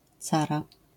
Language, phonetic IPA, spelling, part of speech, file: Polish, [ˈt͡sara], cara, noun, LL-Q809 (pol)-cara.wav